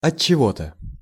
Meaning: for some reason
- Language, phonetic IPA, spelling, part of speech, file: Russian, [ɐt͡ɕːɪˈvo‿tə], отчего-то, adverb, Ru-отчего-то.ogg